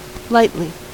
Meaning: In a light manner
- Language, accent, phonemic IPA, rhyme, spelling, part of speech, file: English, US, /ˈlaɪtli/, -aɪtli, lightly, adverb, En-us-lightly.ogg